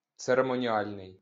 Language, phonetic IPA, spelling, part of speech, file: Ukrainian, [t͡seremɔnʲiˈalʲnei̯], церемоніальний, adjective, LL-Q8798 (ukr)-церемоніальний.wav
- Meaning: ceremonial